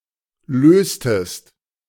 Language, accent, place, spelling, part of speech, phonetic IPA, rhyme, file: German, Germany, Berlin, löstest, verb, [ˈløːstəst], -øːstəst, De-löstest.ogg
- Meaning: inflection of lösen: 1. second-person singular preterite 2. second-person singular subjunctive II